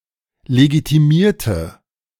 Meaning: inflection of legitimieren: 1. first/third-person singular preterite 2. first/third-person singular subjunctive II
- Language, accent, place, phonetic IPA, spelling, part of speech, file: German, Germany, Berlin, [leɡitiˈmiːɐ̯tə], legitimierte, verb, De-legitimierte.ogg